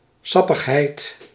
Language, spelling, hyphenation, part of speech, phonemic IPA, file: Dutch, sappigheid, sap‧pig‧heid, noun, /ˈsɑ.pəxˌɦɛi̯t/, Nl-sappigheid.ogg
- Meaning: 1. juiciness (quality of being juicy) 2. humour, body fluid 3. juicy or interesting piece of information